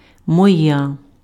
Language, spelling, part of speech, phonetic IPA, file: Ukrainian, моя, pronoun, [mɔˈja], Uk-моя.ogg
- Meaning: nominative/vocative feminine singular of мій (mij)